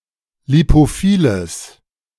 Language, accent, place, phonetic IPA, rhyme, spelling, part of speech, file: German, Germany, Berlin, [lipoˈfiːləs], -iːləs, lipophiles, adjective, De-lipophiles.ogg
- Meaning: strong/mixed nominative/accusative neuter singular of lipophil